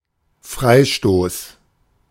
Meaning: free kick
- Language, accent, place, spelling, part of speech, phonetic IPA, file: German, Germany, Berlin, Freistoß, noun, [ˈfʁaɪ̯ˌʃtoːs], De-Freistoß.ogg